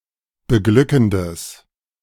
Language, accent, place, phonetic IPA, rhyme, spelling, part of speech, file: German, Germany, Berlin, [bəˈɡlʏkn̩dəs], -ʏkn̩dəs, beglückendes, adjective, De-beglückendes.ogg
- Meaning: strong/mixed nominative/accusative neuter singular of beglückend